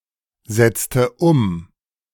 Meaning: inflection of umsetzen: 1. first/third-person singular preterite 2. first/third-person singular subjunctive II
- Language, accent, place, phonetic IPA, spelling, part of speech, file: German, Germany, Berlin, [ˌzɛt͡stə ˈʊm], setzte um, verb, De-setzte um.ogg